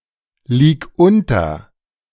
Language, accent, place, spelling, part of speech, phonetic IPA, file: German, Germany, Berlin, lieg unter, verb, [ˌliːk ˈʊntɐ], De-lieg unter.ogg
- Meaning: singular imperative of unterliegen